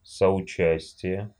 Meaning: complicity (the state of being complicit)
- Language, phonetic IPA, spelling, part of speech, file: Russian, [səʊˈt͡ɕæsʲtʲɪje], соучастие, noun, Ru-соуча́стие.ogg